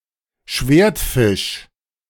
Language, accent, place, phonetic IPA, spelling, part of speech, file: German, Germany, Berlin, [ˈʃveːɐ̯tˌfɪʃ], Schwertfisch, noun, De-Schwertfisch.ogg
- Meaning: swordfish